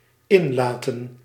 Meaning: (verb) 1. to let in 2. to concern oneself; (noun) plural of inlaat
- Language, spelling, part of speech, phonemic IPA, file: Dutch, inlaten, verb / noun, /ˈɪnlaːtə(n)/, Nl-inlaten.ogg